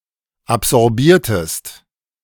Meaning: inflection of absorbieren: 1. second-person singular preterite 2. second-person singular subjunctive II
- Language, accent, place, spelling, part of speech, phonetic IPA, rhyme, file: German, Germany, Berlin, absorbiertest, verb, [apzɔʁˈbiːɐ̯təst], -iːɐ̯təst, De-absorbiertest.ogg